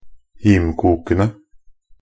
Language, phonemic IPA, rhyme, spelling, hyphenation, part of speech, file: Norwegian Bokmål, /ˈhiːmkuːkənə/, -ənə, himkokene, him‧kok‧en‧e, noun, Nb-himkokene.ogg
- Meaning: definite plural of himkok